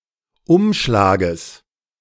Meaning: genitive singular of Umschlag
- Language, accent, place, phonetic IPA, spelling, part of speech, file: German, Germany, Berlin, [ˈʊmʃlaːɡəs], Umschlages, noun, De-Umschlages.ogg